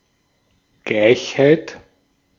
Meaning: equality (fact of being equal)
- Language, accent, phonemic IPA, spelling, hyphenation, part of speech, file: German, Austria, /ˈɡlaɪ̯çhaɪ̯t/, Gleichheit, Gleich‧heit, noun, De-at-Gleichheit.ogg